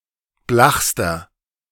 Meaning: inflection of blach: 1. strong/mixed nominative masculine singular superlative degree 2. strong genitive/dative feminine singular superlative degree 3. strong genitive plural superlative degree
- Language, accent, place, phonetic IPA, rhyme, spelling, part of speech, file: German, Germany, Berlin, [ˈblaxstɐ], -axstɐ, blachster, adjective, De-blachster.ogg